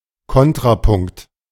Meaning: counterpoint (melody added to an existing one)
- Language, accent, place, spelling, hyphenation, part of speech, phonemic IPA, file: German, Germany, Berlin, Kontrapunkt, Kon‧tra‧punkt, noun, /ˈkɔntʁaˌpʊŋkt/, De-Kontrapunkt.ogg